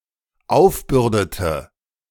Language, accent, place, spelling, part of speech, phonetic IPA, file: German, Germany, Berlin, aufbürdete, verb, [ˈaʊ̯fˌbʏʁdətə], De-aufbürdete.ogg
- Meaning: inflection of aufbürden: 1. first/third-person singular dependent preterite 2. first/third-person singular dependent subjunctive II